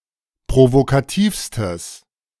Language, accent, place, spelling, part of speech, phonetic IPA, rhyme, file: German, Germany, Berlin, provokativstes, adjective, [pʁovokaˈtiːfstəs], -iːfstəs, De-provokativstes.ogg
- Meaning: strong/mixed nominative/accusative neuter singular superlative degree of provokativ